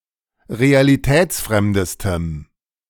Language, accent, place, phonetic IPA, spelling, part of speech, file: German, Germany, Berlin, [ʁealiˈtɛːt͡sˌfʁɛmdəstəm], realitätsfremdestem, adjective, De-realitätsfremdestem.ogg
- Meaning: strong dative masculine/neuter singular superlative degree of realitätsfremd